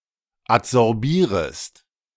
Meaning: second-person singular subjunctive I of adsorbieren
- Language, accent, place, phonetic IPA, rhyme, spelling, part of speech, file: German, Germany, Berlin, [atzɔʁˈbiːʁəst], -iːʁəst, adsorbierest, verb, De-adsorbierest.ogg